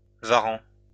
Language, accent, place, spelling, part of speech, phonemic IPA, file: French, France, Lyon, varan, noun, /va.ʁɑ̃/, LL-Q150 (fra)-varan.wav
- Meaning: monitor lizard